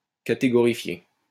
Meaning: to categorify
- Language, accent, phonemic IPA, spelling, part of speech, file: French, France, /ka.te.ɡɔ.ʁi.fje/, catégorifier, verb, LL-Q150 (fra)-catégorifier.wav